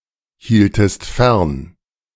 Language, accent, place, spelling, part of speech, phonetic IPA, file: German, Germany, Berlin, hieltest fern, verb, [ˌhiːltəst ˈfɛʁn], De-hieltest fern.ogg
- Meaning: second-person singular subjunctive II of fernhalten